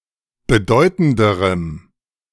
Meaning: strong dative masculine/neuter singular comparative degree of bedeutend
- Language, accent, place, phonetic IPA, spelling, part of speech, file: German, Germany, Berlin, [bəˈdɔɪ̯tn̩dəʁəm], bedeutenderem, adjective, De-bedeutenderem.ogg